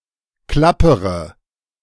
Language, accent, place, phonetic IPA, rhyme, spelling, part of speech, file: German, Germany, Berlin, [ˈklapəʁə], -apəʁə, klappere, verb, De-klappere.ogg
- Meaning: inflection of klappern: 1. first-person singular present 2. first/third-person singular subjunctive I 3. singular imperative